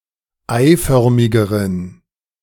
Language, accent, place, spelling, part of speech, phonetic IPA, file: German, Germany, Berlin, eiförmigeren, adjective, [ˈaɪ̯ˌfœʁmɪɡəʁən], De-eiförmigeren.ogg
- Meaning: inflection of eiförmig: 1. strong genitive masculine/neuter singular comparative degree 2. weak/mixed genitive/dative all-gender singular comparative degree